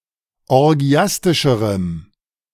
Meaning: strong dative masculine/neuter singular comparative degree of orgiastisch
- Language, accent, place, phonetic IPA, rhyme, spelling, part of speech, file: German, Germany, Berlin, [ɔʁˈɡi̯astɪʃəʁəm], -astɪʃəʁəm, orgiastischerem, adjective, De-orgiastischerem.ogg